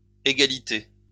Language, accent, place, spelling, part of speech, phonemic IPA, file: French, France, Lyon, égalités, noun, /e.ɡa.li.te/, LL-Q150 (fra)-égalités.wav
- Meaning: plural of égalité